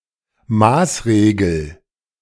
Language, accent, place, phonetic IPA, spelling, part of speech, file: German, Germany, Berlin, [ˈmaːsˌʁeːɡl̩], Maßregel, noun, De-Maßregel.ogg
- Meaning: measure (action, legislation)